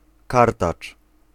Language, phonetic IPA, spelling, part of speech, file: Polish, [ˈkartat͡ʃ], kartacz, noun, Pl-kartacz.ogg